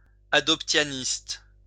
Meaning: adoptionist
- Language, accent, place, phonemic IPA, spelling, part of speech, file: French, France, Lyon, /a.dɔp.tja.nist/, adoptianiste, adjective, LL-Q150 (fra)-adoptianiste.wav